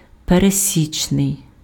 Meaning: 1. ordinary, average 2. arithmetic mean, typical
- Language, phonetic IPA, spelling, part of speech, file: Ukrainian, [pereˈsʲit͡ʃnei̯], пересічний, adjective, Uk-пересічний.ogg